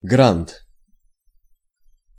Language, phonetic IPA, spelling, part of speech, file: Russian, [ɡrant], грант, noun, Ru-грант.ogg
- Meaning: grant